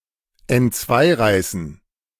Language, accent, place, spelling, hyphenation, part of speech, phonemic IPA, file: German, Germany, Berlin, entzweireißen, ent‧zwei‧rei‧ßen, verb, /ɛntˈt͡svaɪ̯ˌʁaɪ̯sn̩/, De-entzweireißen.ogg
- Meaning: to rip in two